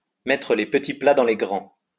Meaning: to put on the ritz, put on the dog, put on a great spread, lay out a real spread, pull out all the stops, to get the good/best china out
- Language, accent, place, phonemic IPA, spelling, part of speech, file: French, France, Lyon, /mɛ.tʁə le p(ə).ti pla dɑ̃ le ɡʁɑ̃/, mettre les petits plats dans les grands, verb, LL-Q150 (fra)-mettre les petits plats dans les grands.wav